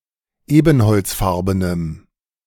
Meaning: strong dative masculine/neuter singular of ebenholzfarben
- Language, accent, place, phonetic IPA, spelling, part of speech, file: German, Germany, Berlin, [ˈeːbn̩hɔlt͡sˌfaʁbənəm], ebenholzfarbenem, adjective, De-ebenholzfarbenem.ogg